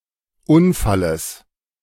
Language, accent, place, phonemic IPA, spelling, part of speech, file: German, Germany, Berlin, /ˈʔʊnfaləs/, Unfalles, noun, De-Unfalles.ogg
- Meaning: genitive singular of Unfall